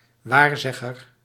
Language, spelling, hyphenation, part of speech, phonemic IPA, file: Dutch, waarzegger, waar‧zeg‧ger, noun, /ˈwarzɛɣər/, Nl-waarzegger.ogg
- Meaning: soothsayer, fortuneteller